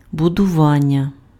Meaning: verbal noun of будува́ти (buduváty): construction, building
- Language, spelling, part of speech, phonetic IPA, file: Ukrainian, будування, noun, [bʊdʊˈʋanʲːɐ], Uk-будування.ogg